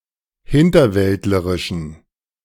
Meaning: inflection of hinterwäldlerisch: 1. strong genitive masculine/neuter singular 2. weak/mixed genitive/dative all-gender singular 3. strong/weak/mixed accusative masculine singular
- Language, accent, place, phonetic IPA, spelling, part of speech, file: German, Germany, Berlin, [ˈhɪntɐˌvɛltləʁɪʃn̩], hinterwäldlerischen, adjective, De-hinterwäldlerischen.ogg